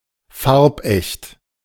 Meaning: colourfast
- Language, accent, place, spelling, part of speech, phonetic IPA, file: German, Germany, Berlin, farbecht, adjective, [ˈfaʁpˌʔɛçt], De-farbecht.ogg